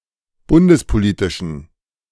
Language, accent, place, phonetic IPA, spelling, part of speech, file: German, Germany, Berlin, [ˈbʊndəspoˌliːtɪʃn̩], bundespolitischen, adjective, De-bundespolitischen.ogg
- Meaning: inflection of bundespolitisch: 1. strong genitive masculine/neuter singular 2. weak/mixed genitive/dative all-gender singular 3. strong/weak/mixed accusative masculine singular 4. strong dative plural